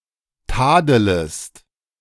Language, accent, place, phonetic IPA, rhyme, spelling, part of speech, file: German, Germany, Berlin, [ˈtaːdələst], -aːdələst, tadelest, verb, De-tadelest.ogg
- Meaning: second-person singular subjunctive I of tadeln